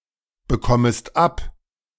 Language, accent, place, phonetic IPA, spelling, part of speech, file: German, Germany, Berlin, [bəˌkɔməst ˈap], bekommest ab, verb, De-bekommest ab.ogg
- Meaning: second-person singular subjunctive I of abbekommen